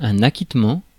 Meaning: 1. acquittal of debt, discharge, settlement 2. cancellation 3. absolution 4. acknowledgement of something, such as a message, upon its receipt
- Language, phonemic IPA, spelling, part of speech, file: French, /a.kit.mɑ̃/, acquittement, noun, Fr-acquittement.ogg